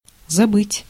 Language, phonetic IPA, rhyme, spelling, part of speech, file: Russian, [zɐˈbɨtʲ], -ɨtʲ, забыть, verb, Ru-забыть.ogg
- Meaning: 1. to forget 2. to neglect 3. to leave, to forget to bring, to forget to take 4. to let it go, to let it slip